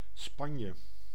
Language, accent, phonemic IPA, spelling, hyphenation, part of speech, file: Dutch, Netherlands, /ˈspɑn.jə/, Spanje, Span‧je, proper noun, Nl-Spanje.ogg
- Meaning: Spain (a country in Southern Europe, including most of the Iberian peninsula)